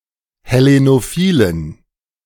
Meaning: inflection of hellenophil: 1. strong genitive masculine/neuter singular 2. weak/mixed genitive/dative all-gender singular 3. strong/weak/mixed accusative masculine singular 4. strong dative plural
- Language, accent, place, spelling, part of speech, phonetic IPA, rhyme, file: German, Germany, Berlin, hellenophilen, adjective, [hɛˌlenoˈfiːlən], -iːlən, De-hellenophilen.ogg